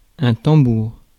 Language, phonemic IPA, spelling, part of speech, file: French, /tɑ̃.buʁ/, tambour, noun, Fr-tambour.ogg
- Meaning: 1. drum (instrument) 2. tambour (sports / real tennis) 3. revolving door